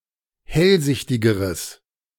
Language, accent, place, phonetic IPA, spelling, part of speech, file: German, Germany, Berlin, [ˈhɛlˌzɪçtɪɡəʁəs], hellsichtigeres, adjective, De-hellsichtigeres.ogg
- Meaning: strong/mixed nominative/accusative neuter singular comparative degree of hellsichtig